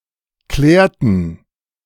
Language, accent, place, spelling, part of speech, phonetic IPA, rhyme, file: German, Germany, Berlin, klärten, verb, [ˈklɛːɐ̯tn̩], -ɛːɐ̯tn̩, De-klärten.ogg
- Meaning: inflection of klären: 1. first/third-person plural preterite 2. first/third-person plural subjunctive II